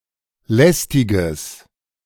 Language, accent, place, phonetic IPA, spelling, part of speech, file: German, Germany, Berlin, [ˈlɛstɪɡəs], lästiges, adjective, De-lästiges.ogg
- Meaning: strong/mixed nominative/accusative neuter singular of lästig